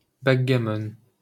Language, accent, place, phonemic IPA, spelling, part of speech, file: French, France, Paris, /bak.ɡa.mɔn/, backgammon, noun, LL-Q150 (fra)-backgammon.wav
- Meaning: backgammon